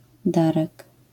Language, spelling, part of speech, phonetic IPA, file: Polish, Darek, proper noun, [ˈdarɛk], LL-Q809 (pol)-Darek.wav